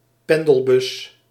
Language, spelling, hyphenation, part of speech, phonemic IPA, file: Dutch, pendelbus, pen‧del‧bus, noun, /ˈpɛn.dəlˌbʏs/, Nl-pendelbus.ogg
- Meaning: shuttle bus